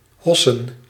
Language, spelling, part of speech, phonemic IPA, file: Dutch, hossen, verb, /ˈɦɔ.sə(n)/, Nl-hossen.ogg
- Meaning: to dance and bounce about arm in arm